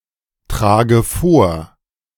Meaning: inflection of vortragen: 1. first-person singular present 2. first/third-person singular subjunctive I 3. singular imperative
- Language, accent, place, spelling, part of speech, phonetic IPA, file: German, Germany, Berlin, trage vor, verb, [ˌtʁaːɡə ˈfoːɐ̯], De-trage vor.ogg